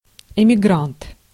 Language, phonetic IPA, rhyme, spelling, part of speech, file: Russian, [ɪmʲɪˈɡrant], -ant, эмигрант, noun, Ru-эмигрант.ogg
- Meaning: emigrant